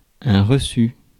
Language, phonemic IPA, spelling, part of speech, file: French, /ʁə.sy/, reçu, adjective / noun / verb, Fr-reçu.ogg
- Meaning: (adjective) accomplished; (noun) receipt; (verb) past participle of recevoir